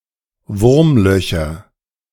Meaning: nominative/accusative/genitive plural of Wurmloch "wormholes"
- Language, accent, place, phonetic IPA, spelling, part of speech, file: German, Germany, Berlin, [ˈvʊʁmˌlœçɐ], Wurmlöcher, noun, De-Wurmlöcher.ogg